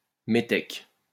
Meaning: 1. metic (resident alien who did not have the rights of a citizen and who paid a tax for the right to live there) 2. wop, sinister foreigner
- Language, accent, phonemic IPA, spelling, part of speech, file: French, France, /me.tɛk/, métèque, noun, LL-Q150 (fra)-métèque.wav